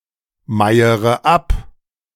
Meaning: inflection of abmeiern: 1. first-person singular present 2. first-person plural subjunctive I 3. third-person singular subjunctive I 4. singular imperative
- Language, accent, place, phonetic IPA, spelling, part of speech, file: German, Germany, Berlin, [ˌmaɪ̯əʁə ˈap], meiere ab, verb, De-meiere ab.ogg